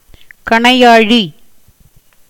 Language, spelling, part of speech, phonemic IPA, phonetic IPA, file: Tamil, கணையாழி, noun, /kɐɳɐɪ̯jɑːɻiː/, [kɐɳɐɪ̯jäːɻiː], Ta-கணையாழி.ogg
- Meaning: 1. seal ring (or ring in general) 2. signet ring (used by Indian kings for authenticating ambassadors and officials)